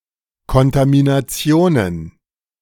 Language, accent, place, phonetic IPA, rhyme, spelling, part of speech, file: German, Germany, Berlin, [kɔntaminaˈt͡si̯oːnən], -oːnən, Kontaminationen, noun, De-Kontaminationen.ogg
- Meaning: plural of Kontamination